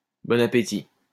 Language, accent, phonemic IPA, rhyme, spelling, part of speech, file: French, France, /bɔ.n‿a.pe.ti/, -i, bon appétit, phrase, LL-Q150 (fra)-bon appétit.wav
- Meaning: bon appétit, enjoy your meal